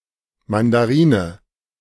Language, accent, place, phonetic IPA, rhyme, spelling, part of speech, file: German, Germany, Berlin, [ˌmandaˈʁiːnə], -iːnə, Mandarine, noun, De-Mandarine.ogg
- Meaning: mandarin orange (fruit)